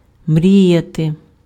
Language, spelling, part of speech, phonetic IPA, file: Ukrainian, мріяти, verb, [ˈmrʲijɐte], Uk-мріяти.ogg
- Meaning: to dream, to wish